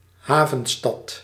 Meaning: port city
- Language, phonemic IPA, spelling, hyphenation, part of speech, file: Dutch, /ˈɦaː.və(n)ˌstɑt/, havenstad, ha‧ven‧stad, noun, Nl-havenstad.ogg